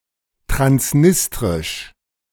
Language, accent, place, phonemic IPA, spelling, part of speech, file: German, Germany, Berlin, /tʁansˈnɪstʁɪʃ/, transnistrisch, adjective, De-transnistrisch.ogg
- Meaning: Transnistrian